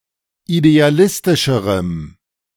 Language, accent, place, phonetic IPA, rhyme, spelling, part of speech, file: German, Germany, Berlin, [ideaˈlɪstɪʃəʁəm], -ɪstɪʃəʁəm, idealistischerem, adjective, De-idealistischerem.ogg
- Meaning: strong dative masculine/neuter singular comparative degree of idealistisch